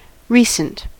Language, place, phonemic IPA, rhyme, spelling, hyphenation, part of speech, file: English, California, /ˈɹi.sənt/, -iːsənt, recent, re‧cent, adjective / noun, En-us-recent.ogg
- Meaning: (adjective) 1. Having happened a short while ago 2. Up-to-date; not old-fashioned or dated 3. Having done something a short while ago that distinguishes them as what they are called